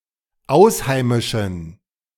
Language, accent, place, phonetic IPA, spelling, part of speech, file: German, Germany, Berlin, [ˈaʊ̯sˌhaɪ̯mɪʃn̩], ausheimischen, adjective, De-ausheimischen.ogg
- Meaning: inflection of ausheimisch: 1. strong genitive masculine/neuter singular 2. weak/mixed genitive/dative all-gender singular 3. strong/weak/mixed accusative masculine singular 4. strong dative plural